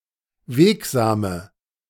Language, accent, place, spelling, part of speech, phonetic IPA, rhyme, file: German, Germany, Berlin, wegsame, adjective, [ˈveːkzaːmə], -eːkzaːmə, De-wegsame.ogg
- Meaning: inflection of wegsam: 1. strong/mixed nominative/accusative feminine singular 2. strong nominative/accusative plural 3. weak nominative all-gender singular 4. weak accusative feminine/neuter singular